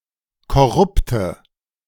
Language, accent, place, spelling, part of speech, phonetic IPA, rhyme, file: German, Germany, Berlin, korrupte, adjective, [kɔˈʁʊptə], -ʊptə, De-korrupte.ogg
- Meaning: inflection of korrupt: 1. strong/mixed nominative/accusative feminine singular 2. strong nominative/accusative plural 3. weak nominative all-gender singular 4. weak accusative feminine/neuter singular